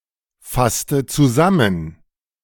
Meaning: inflection of zusammenfassen: 1. first/third-person singular preterite 2. first/third-person singular subjunctive II
- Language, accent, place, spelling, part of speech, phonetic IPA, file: German, Germany, Berlin, fasste zusammen, verb, [ˌfastə t͡suˈzamən], De-fasste zusammen.ogg